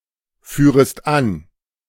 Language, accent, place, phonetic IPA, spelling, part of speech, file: German, Germany, Berlin, [ˌfyːʁəst ˈan], führest an, verb, De-führest an.ogg
- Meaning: second-person singular subjunctive I of anführen